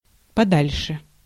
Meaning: alternative form of да́льше (dálʹše)
- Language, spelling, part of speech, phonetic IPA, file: Russian, подальше, adverb, [pɐˈdalʲʂɨ], Ru-подальше.ogg